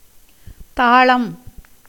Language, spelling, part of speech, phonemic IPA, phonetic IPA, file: Tamil, தாளம், noun, /t̪ɑːɭɐm/, [t̪äːɭɐm], Ta-தாளம்.ogg
- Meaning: 1. rhythm, time-measure, tala 2. a small cymbal for keeping time in music 3. syllables sung in tune with drum beats 4. palmyra palm 5. jaggery palm 6. yellow orpiment